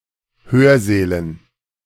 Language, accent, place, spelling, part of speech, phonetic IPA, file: German, Germany, Berlin, Hörsälen, noun, [ˈhøːɐ̯ˌzɛːlən], De-Hörsälen.ogg
- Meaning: dative plural of Hörsaal